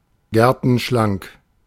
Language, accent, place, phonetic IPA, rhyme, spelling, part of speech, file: German, Germany, Berlin, [ˈɡɛʁtn̩ˌʃlaŋk], -aŋk, gertenschlank, adjective, De-gertenschlank.ogg
- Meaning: willowy, slender, svelte